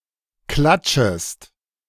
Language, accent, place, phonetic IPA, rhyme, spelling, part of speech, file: German, Germany, Berlin, [ˈklat͡ʃəst], -at͡ʃəst, klatschest, verb, De-klatschest.ogg
- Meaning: second-person singular subjunctive I of klatschen